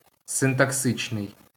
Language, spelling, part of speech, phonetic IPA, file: Ukrainian, синтаксичний, adjective, [sentɐkˈsɪt͡ʃnei̯], LL-Q8798 (ukr)-синтаксичний.wav
- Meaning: syntactic, syntactical